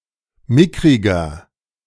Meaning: 1. comparative degree of mickrig 2. inflection of mickrig: strong/mixed nominative masculine singular 3. inflection of mickrig: strong genitive/dative feminine singular
- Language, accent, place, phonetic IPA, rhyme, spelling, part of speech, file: German, Germany, Berlin, [ˈmɪkʁɪɡɐ], -ɪkʁɪɡɐ, mickriger, adjective, De-mickriger.ogg